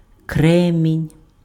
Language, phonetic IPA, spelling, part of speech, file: Ukrainian, [ˈkrɛmʲinʲ], кремінь, noun, Uk-кремінь.ogg
- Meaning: flint